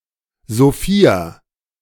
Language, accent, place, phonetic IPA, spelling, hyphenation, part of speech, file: German, Germany, Berlin, [zoˈfiːa], Sophia, So‧phi‧a, proper noun, De-Sophia.ogg
- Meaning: a female given name, equivalent to English Sophia